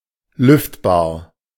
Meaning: ventilatable
- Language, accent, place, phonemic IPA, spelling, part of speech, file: German, Germany, Berlin, /ˈlʏftbaːɐ̯/, lüftbar, adjective, De-lüftbar.ogg